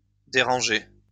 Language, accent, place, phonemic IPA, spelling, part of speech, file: French, France, Lyon, /de.ʁɑ̃.ʒe/, dérangés, verb, LL-Q150 (fra)-dérangés.wav
- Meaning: masculine plural of dérangé